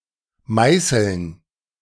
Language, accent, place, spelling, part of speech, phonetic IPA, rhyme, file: German, Germany, Berlin, Meißeln, noun, [ˈmaɪ̯sl̩n], -aɪ̯sl̩n, De-Meißeln.ogg
- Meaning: dative plural of Meißel